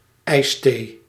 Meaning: iced tea, ice tea
- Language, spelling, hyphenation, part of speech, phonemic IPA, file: Dutch, ijsthee, ijs‧thee, noun, /ˈɛi̯s.teː/, Nl-ijsthee.ogg